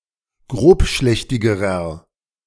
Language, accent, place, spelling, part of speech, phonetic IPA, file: German, Germany, Berlin, grobschlächtigerer, adjective, [ˈɡʁoːpˌʃlɛçtɪɡəʁɐ], De-grobschlächtigerer.ogg
- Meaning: inflection of grobschlächtig: 1. strong/mixed nominative masculine singular comparative degree 2. strong genitive/dative feminine singular comparative degree